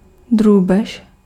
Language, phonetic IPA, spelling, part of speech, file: Czech, [ˈdruːbɛʃ], drůbež, noun, Cs-drůbež.ogg
- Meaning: poultry